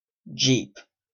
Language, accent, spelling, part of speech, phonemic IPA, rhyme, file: English, Canada, jeep, adjective / noun / verb, /d͡ʒiːp/, -iːp, En-ca-jeep.oga
- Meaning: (adjective) Pertaining to utility or general purpose; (noun) A small, blocky, military-style vehicle with four-wheel drive, suited to rough terrain